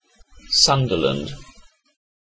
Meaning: A place in England: 1. A city and metropolitan borough of Tyne and Wear 2. A hamlet in Blindcrake parish, Cumberland, Cumbria, previously in Allerdale district (OS grid ref NY1735)
- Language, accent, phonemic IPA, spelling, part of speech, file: English, Southern England, /ˈsʌndələnd/, Sunderland, proper noun, En-uk-Sunderland.ogg